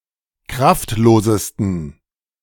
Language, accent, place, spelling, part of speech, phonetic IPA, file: German, Germany, Berlin, kraftlosesten, adjective, [ˈkʁaftˌloːzəstn̩], De-kraftlosesten.ogg
- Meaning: 1. superlative degree of kraftlos 2. inflection of kraftlos: strong genitive masculine/neuter singular superlative degree